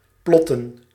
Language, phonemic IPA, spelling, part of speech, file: Dutch, /ˈplɔtən/, plotten, verb, Nl-plotten.ogg
- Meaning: to plot, to trace out